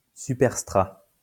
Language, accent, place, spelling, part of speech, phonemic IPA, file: French, France, Lyon, superstrat, noun, /sy.pɛʁ.stʁa/, LL-Q150 (fra)-superstrat.wav
- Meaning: superstrate